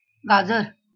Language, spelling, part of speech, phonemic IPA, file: Marathi, गाजर, noun, /ɡa.d͡zəɾ/, LL-Q1571 (mar)-गाजर.wav
- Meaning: carrot